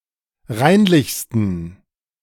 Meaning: 1. superlative degree of reinlich 2. inflection of reinlich: strong genitive masculine/neuter singular superlative degree
- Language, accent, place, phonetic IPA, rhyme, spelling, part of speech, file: German, Germany, Berlin, [ˈʁaɪ̯nlɪçstn̩], -aɪ̯nlɪçstn̩, reinlichsten, adjective, De-reinlichsten.ogg